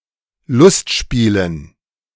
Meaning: dative plural of Lustspiel
- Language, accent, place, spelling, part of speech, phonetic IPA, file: German, Germany, Berlin, Lustspielen, noun, [ˈlʊstˌʃpiːlən], De-Lustspielen.ogg